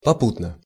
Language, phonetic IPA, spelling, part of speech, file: Russian, [pɐˈputnə], попутно, adverb, Ru-попутно.ogg
- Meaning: in passing, on one's way, incidentally, at the same time